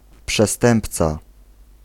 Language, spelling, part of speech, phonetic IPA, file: Polish, przestępca, noun, [pʃɛˈstɛ̃mpt͡sa], Pl-przestępca.ogg